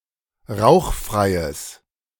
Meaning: strong/mixed nominative/accusative neuter singular of rauchfrei
- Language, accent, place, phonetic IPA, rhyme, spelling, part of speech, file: German, Germany, Berlin, [ˈʁaʊ̯xˌfʁaɪ̯əs], -aʊ̯xfʁaɪ̯əs, rauchfreies, adjective, De-rauchfreies.ogg